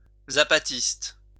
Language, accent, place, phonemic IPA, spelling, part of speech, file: French, France, Lyon, /za.pa.tist/, zapatiste, adjective / noun, LL-Q150 (fra)-zapatiste.wav
- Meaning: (adjective) Zapatista